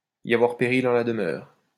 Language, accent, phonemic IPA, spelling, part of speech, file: French, France, /i.j‿a.vwaʁ pe.ʁil ɑ̃ la d(ə).mœʁ/, y avoir péril en la demeure, verb, LL-Q150 (fra)-y avoir péril en la demeure.wav
- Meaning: for there to be danger in delay